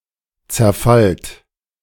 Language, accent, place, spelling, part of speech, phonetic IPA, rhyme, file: German, Germany, Berlin, zerfallt, verb, [t͡sɛɐ̯ˈfalt], -alt, De-zerfallt.ogg
- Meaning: inflection of zerfallen: 1. second-person plural present 2. plural imperative